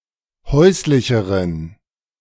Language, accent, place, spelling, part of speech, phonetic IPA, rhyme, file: German, Germany, Berlin, häuslicheren, adjective, [ˈhɔɪ̯slɪçəʁən], -ɔɪ̯slɪçəʁən, De-häuslicheren.ogg
- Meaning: inflection of häuslich: 1. strong genitive masculine/neuter singular comparative degree 2. weak/mixed genitive/dative all-gender singular comparative degree